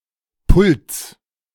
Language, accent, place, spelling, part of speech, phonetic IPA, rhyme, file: German, Germany, Berlin, Pults, noun, [pʊlt͡s], -ʊlt͡s, De-Pults.ogg
- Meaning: genitive of Pult